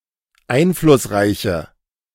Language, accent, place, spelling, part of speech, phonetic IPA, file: German, Germany, Berlin, einflussreiche, adjective, [ˈaɪ̯nflʊsˌʁaɪ̯çə], De-einflussreiche.ogg
- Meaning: inflection of einflussreich: 1. strong/mixed nominative/accusative feminine singular 2. strong nominative/accusative plural 3. weak nominative all-gender singular